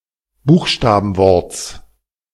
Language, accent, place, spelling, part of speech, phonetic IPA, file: German, Germany, Berlin, Buchstabenworts, noun, [ˈbuːxʃtaːbn̩ˌvɔʁt͡s], De-Buchstabenworts.ogg
- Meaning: genitive singular of Buchstabenwort